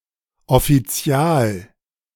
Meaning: 1. judicial vicar 2. title for civil servants
- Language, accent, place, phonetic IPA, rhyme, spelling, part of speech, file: German, Germany, Berlin, [ɔfiˈt͡si̯aːl], -aːl, Offizial, noun, De-Offizial.ogg